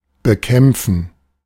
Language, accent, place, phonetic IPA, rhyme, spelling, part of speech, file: German, Germany, Berlin, [bəˈkɛmp͡fn̩], -ɛmp͡fn̩, bekämpfen, verb, De-bekämpfen.ogg
- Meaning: to fight (against something), to combat